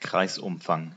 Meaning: circumference (length of the line that bounds a circle)
- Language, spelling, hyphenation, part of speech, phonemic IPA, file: German, Kreisumfang, Kreis‧um‧fang, noun, /ˈkraɪ̯sˌ.ʊmfaŋ/, De-Kreisumfang.ogg